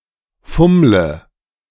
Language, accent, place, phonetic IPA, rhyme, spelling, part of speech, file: German, Germany, Berlin, [ˈfʊmlə], -ʊmlə, fummle, verb, De-fummle.ogg
- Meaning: inflection of fummeln: 1. first-person singular present 2. singular imperative 3. first/third-person singular subjunctive I